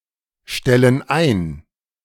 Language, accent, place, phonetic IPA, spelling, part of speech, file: German, Germany, Berlin, [ˌʃtɛlən ˈaɪ̯n], stellen ein, verb, De-stellen ein.ogg
- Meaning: inflection of einstellen: 1. first/third-person plural present 2. first/third-person plural subjunctive I